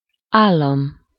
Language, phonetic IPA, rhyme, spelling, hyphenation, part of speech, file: Hungarian, [ˈaːlːɒm], -ɒm, állam, ál‧lam, noun, Hu-állam.ogg
- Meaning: 1. state (a sovereign country or city state, with the central government acting as its visible instrument) 2. first-person singular single-possession possessive of áll